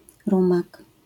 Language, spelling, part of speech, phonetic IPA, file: Polish, rumak, noun, [ˈrũmak], LL-Q809 (pol)-rumak.wav